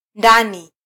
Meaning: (noun) inside, interior; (adverb) inside; in
- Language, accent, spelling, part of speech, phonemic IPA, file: Swahili, Kenya, ndani, noun / adverb, /ˈⁿdɑ.ni/, Sw-ke-ndani.flac